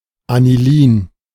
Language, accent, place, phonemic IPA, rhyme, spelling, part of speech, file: German, Germany, Berlin, /aniˈliːn/, -iːn, Anilin, noun / proper noun, De-Anilin.ogg
- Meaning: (noun) aniline; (proper noun) BASF (German chemical manufacturer)